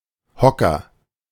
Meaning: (noun) 1. stool (of any height) 2. agent noun of hocken (“one who cowers, perches, sits”); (proper noun) a surname
- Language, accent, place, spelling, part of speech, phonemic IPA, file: German, Germany, Berlin, Hocker, noun / proper noun, /ˈhɔkɐ/, De-Hocker.ogg